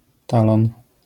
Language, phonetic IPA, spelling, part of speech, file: Polish, [ˈtalɔ̃n], talon, noun, LL-Q809 (pol)-talon.wav